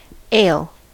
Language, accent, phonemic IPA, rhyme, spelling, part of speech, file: English, US, /eɪl/, -eɪl, ale, noun, En-us-ale.ogg
- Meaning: 1. A beer or beerlike drink produced by so-called warm fermentation and unpressurized 2. A beer or beerlike drink made without hops 3. A rural festival where ale is drunk